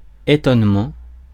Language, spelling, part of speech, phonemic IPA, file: French, étonnement, noun, /e.tɔn.mɑ̃/, Fr-étonnement.ogg
- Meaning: astonishment, amazement